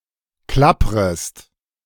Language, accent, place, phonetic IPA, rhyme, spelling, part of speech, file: German, Germany, Berlin, [ˈklapʁəst], -apʁəst, klapprest, verb, De-klapprest.ogg
- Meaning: second-person singular subjunctive I of klappern